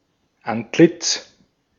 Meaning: face, countenance, visage
- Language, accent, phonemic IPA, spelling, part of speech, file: German, Austria, /ˈantˌlɪt͡s/, Antlitz, noun, De-at-Antlitz.ogg